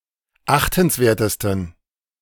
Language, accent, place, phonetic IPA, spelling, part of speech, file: German, Germany, Berlin, [ˈaxtn̩sˌveːɐ̯təstn̩], achtenswertesten, adjective, De-achtenswertesten.ogg
- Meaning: 1. superlative degree of achtenswert 2. inflection of achtenswert: strong genitive masculine/neuter singular superlative degree